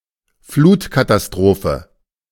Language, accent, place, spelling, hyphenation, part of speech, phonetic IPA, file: German, Germany, Berlin, Flutkatastrophe, Flut‧ka‧ta‧s‧tro‧phe, noun, [ˈfluːtkatasˌtʁoːfə], De-Flutkatastrophe.ogg
- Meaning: flood disaster